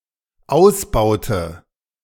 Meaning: inflection of ausbauen: 1. first/third-person singular dependent preterite 2. first/third-person singular dependent subjunctive II
- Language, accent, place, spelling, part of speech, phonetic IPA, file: German, Germany, Berlin, ausbaute, verb, [ˈaʊ̯sˌbaʊ̯tə], De-ausbaute.ogg